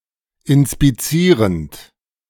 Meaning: present participle of inspizieren
- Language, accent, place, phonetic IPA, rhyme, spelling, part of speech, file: German, Germany, Berlin, [ɪnspiˈt͡siːʁənt], -iːʁənt, inspizierend, verb, De-inspizierend.ogg